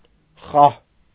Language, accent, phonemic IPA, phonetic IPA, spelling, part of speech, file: Armenian, Eastern Armenian, /χɑh/, [χɑh], խահ, noun, Hy-խահ.ogg
- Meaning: food, victuals